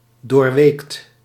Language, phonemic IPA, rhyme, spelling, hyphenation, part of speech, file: Dutch, /doːrˈʋeːkt/, -eːkt, doorweekt, door‧weekt, verb, Nl-doorweekt.ogg
- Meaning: drenched, soaked: past participle of doorweken (“to soak, drench”)